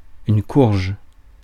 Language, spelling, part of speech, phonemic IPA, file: French, courge, noun, /kuʁʒ/, Fr-courge.ogg
- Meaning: marrow (UK; vegetable), vegetable marrow (UK), marrow squash (US)